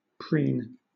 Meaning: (noun) 1. A forked tool used by clothiers for dressing cloth 2. A pin 3. A bodkin; brooch; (verb) 1. To pin; fasten 2. To groom; to trim or dress the feathers with the beak
- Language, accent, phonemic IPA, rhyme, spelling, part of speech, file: English, Southern England, /pɹiːn/, -iːn, preen, noun / verb, LL-Q1860 (eng)-preen.wav